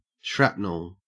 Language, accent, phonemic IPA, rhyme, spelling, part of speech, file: English, Australia, /ˈʃɹæpnəl/, -æpnəl, shrapnel, noun, En-au-shrapnel.ogg